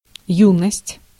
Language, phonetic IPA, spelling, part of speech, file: Russian, [ˈjunəsʲtʲ], юность, noun, Ru-юность.ogg
- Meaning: youth (age)